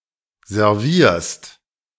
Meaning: second-person singular present of servieren
- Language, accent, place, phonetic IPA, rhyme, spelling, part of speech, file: German, Germany, Berlin, [zɛʁˈviːɐ̯st], -iːɐ̯st, servierst, verb, De-servierst.ogg